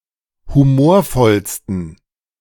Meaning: 1. superlative degree of humorvoll 2. inflection of humorvoll: strong genitive masculine/neuter singular superlative degree
- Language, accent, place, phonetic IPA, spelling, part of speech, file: German, Germany, Berlin, [huˈmoːɐ̯ˌfɔlstn̩], humorvollsten, adjective, De-humorvollsten.ogg